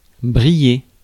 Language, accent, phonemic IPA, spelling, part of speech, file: French, France, /bʁi.je/, briller, verb, Fr-briller.ogg
- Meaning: to shine, to sparkle